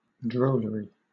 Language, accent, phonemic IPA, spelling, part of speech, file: English, Southern England, /ˈdɹəʊləɹi/, drollery, noun, LL-Q1860 (eng)-drollery.wav
- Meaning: 1. Comical quality 2. Amusing behavior 3. Something humorous, funny or comical 4. A puppet show; a comic play or entertainment; a comic picture; a caricature 5. A joke; a funny story